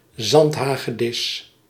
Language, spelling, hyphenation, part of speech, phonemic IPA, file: Dutch, zandhagedis, zand‧ha‧ge‧dis, noun, /ˈzɑnt.ɦaːɣəˌdɪs/, Nl-zandhagedis.ogg
- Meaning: sand lizard (Lacerta agilis)